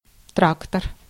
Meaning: tractor
- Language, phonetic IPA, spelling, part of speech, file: Russian, [ˈtraktər], трактор, noun, Ru-трактор.ogg